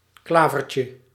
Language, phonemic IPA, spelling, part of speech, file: Dutch, /ˈklavərcə/, klavertje, noun, Nl-klavertje.ogg
- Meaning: diminutive of klaver